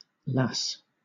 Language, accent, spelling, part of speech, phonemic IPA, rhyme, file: English, Southern England, lass, noun, /læs/, -æs, LL-Q1860 (eng)-lass.wav
- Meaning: 1. A girl; also (by extension), a young woman 2. A girl; also (by extension), a young woman.: A female member of the Salvation Army; a hallelujah lass 3. A sweetheart